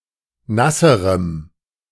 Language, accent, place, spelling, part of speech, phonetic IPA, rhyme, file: German, Germany, Berlin, nasserem, adjective, [ˈnasəʁəm], -asəʁəm, De-nasserem.ogg
- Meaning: strong dative masculine/neuter singular comparative degree of nass